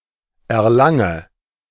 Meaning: inflection of erlangen: 1. first-person singular present 2. first/third-person singular subjunctive I 3. singular imperative
- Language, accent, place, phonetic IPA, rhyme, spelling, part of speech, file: German, Germany, Berlin, [ɛɐ̯ˈlaŋə], -aŋə, erlange, verb, De-erlange.ogg